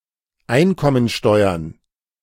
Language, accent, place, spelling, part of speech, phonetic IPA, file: German, Germany, Berlin, Einkommensteuern, noun, [ˈaɪ̯nkɔmənˌʃtɔɪ̯ɐn], De-Einkommensteuern.ogg
- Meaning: plural of Einkommensteuer